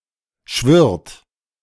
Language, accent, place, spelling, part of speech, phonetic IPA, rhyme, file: German, Germany, Berlin, schwirrt, verb, [ʃvɪʁt], -ɪʁt, De-schwirrt.ogg
- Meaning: inflection of schwirren: 1. second-person plural present 2. third-person singular present 3. plural imperative